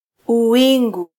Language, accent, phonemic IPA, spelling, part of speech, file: Swahili, Kenya, /uˈwi.ᵑɡu/, uwingu, noun, Sw-ke-uwingu.flac
- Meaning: sky; heaven